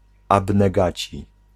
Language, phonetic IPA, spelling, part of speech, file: Polish, [ˌabnɛˈɡat͡ɕi], abnegaci, noun, Pl-abnegaci.ogg